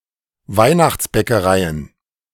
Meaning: plural of Weihnachtsbäckerei
- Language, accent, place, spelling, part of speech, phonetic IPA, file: German, Germany, Berlin, Weihnachtsbäckereien, noun, [ˈvaɪ̯naxt͡sbɛkəˌʁaɪ̯ən], De-Weihnachtsbäckereien.ogg